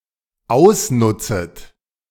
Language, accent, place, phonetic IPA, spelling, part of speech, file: German, Germany, Berlin, [ˈaʊ̯sˌnʊt͡sət], ausnutzet, verb, De-ausnutzet.ogg
- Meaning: second-person plural dependent subjunctive I of ausnutzen